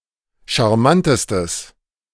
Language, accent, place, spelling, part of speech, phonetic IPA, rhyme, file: German, Germany, Berlin, charmantestes, adjective, [ʃaʁˈmantəstəs], -antəstəs, De-charmantestes.ogg
- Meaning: strong/mixed nominative/accusative neuter singular superlative degree of charmant